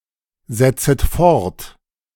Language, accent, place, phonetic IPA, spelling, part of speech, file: German, Germany, Berlin, [ˌzɛt͡sət ˈfɔʁt], setzet fort, verb, De-setzet fort.ogg
- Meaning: second-person plural subjunctive I of fortsetzen